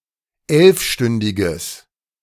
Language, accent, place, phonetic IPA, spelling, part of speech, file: German, Germany, Berlin, [ˈɛlfˌʃtʏndɪɡəs], elfstündiges, adjective, De-elfstündiges.ogg
- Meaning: strong/mixed nominative/accusative neuter singular of elfstündig